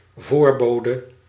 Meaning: 1. foreboder, person who foretells something impending 2. indication, telling sign, auspicious or ominous
- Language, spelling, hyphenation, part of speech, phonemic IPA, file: Dutch, voorbode, voor‧bo‧de, noun, /ˈvoːrˌboː.də/, Nl-voorbode.ogg